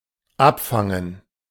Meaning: to intercept, to stop (to prevent a strike or projectile from reaching its target)
- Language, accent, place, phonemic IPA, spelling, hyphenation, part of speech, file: German, Germany, Berlin, /ˈʔapfaŋən/, abfangen, ab‧fan‧gen, verb, De-abfangen.ogg